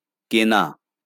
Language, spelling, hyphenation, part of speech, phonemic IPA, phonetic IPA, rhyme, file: Bengali, কেনা, কে‧না, verb, /ke.na/, [ˈke.na], -ena, LL-Q9610 (ben)-কেনা.wav
- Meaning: to buy, to purchase